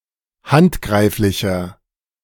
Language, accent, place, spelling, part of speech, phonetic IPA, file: German, Germany, Berlin, handgreiflicher, adjective, [ˈhantˌɡʁaɪ̯flɪçɐ], De-handgreiflicher.ogg
- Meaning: 1. comparative degree of handgreiflich 2. inflection of handgreiflich: strong/mixed nominative masculine singular 3. inflection of handgreiflich: strong genitive/dative feminine singular